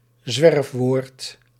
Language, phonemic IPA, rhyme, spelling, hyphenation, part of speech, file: Dutch, /ˈzʋɛrf.ʋoːrt/, -ɛrfʋoːrt, zwerfwoord, zwerf‧woord, noun, Nl-zwerfwoord.ogg
- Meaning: Wanderwort